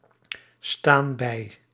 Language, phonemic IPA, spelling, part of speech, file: Dutch, /ˈstan ˈbɛi/, staan bij, verb, Nl-staan bij.ogg
- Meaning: inflection of bijstaan: 1. plural present indicative 2. plural present subjunctive